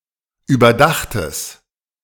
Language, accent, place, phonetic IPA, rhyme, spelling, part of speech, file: German, Germany, Berlin, [yːbɐˈdaxtəs], -axtəs, überdachtes, adjective, De-überdachtes.ogg
- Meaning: strong/mixed nominative/accusative neuter singular of überdacht